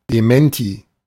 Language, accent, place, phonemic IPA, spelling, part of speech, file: German, Germany, Berlin, /deˈmɛnti/, Dementi, noun, De-Dementi.ogg
- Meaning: repudiation, disclaimer, counterstatement, denial of a claim (especially in media contexts)